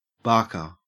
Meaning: 1. Someone or something who barks 2. A person employed to solicit customers by calling out to passersby, e.g. at a carnival 3. A shelf-talker
- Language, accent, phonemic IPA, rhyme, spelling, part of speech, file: English, Australia, /ˈbɑː(ɹ)kɚ/, -ɑː(ɹ)kɚ, barker, noun, En-au-barker.ogg